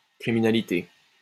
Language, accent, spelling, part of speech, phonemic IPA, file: French, France, criminalité, noun, /kʁi.mi.na.li.te/, LL-Q150 (fra)-criminalité.wav
- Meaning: 1. crime (practice or habit of committing crimes; criminal acts collectively) 2. criminality, criminalness (state of being criminal)